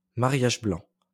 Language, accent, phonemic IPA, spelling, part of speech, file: French, France, /ma.ʁjaʒ blɑ̃/, mariage blanc, noun, LL-Q150 (fra)-mariage blanc.wav
- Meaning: 1. sham marriage, marriage in name only 2. white marriage